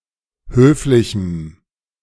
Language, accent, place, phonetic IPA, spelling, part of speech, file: German, Germany, Berlin, [ˈhøːflɪçm̩], höflichem, adjective, De-höflichem.ogg
- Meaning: strong dative masculine/neuter singular of höflich